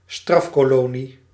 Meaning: penal colony
- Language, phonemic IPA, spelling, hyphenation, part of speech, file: Dutch, /ˈstrɑf.koːˌloː.ni/, strafkolonie, straf‧ko‧lo‧nie, noun, Nl-strafkolonie.ogg